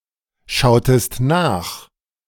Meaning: inflection of nachschauen: 1. second-person singular preterite 2. second-person singular subjunctive II
- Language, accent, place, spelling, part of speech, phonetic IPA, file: German, Germany, Berlin, schautest nach, verb, [ˌʃaʊ̯təst ˈnaːx], De-schautest nach.ogg